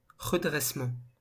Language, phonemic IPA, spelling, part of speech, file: French, /ʁə.dʁɛs.mɑ̃/, redressement, noun, LL-Q150 (fra)-redressement.wav
- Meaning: 1. rectification, remedy 2. recovery 3. straightening up (of one's seat or posture)